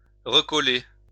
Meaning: to restick, to stick back, reattach
- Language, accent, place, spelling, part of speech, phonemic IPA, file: French, France, Lyon, recoller, verb, /ʁə.kɔ.le/, LL-Q150 (fra)-recoller.wav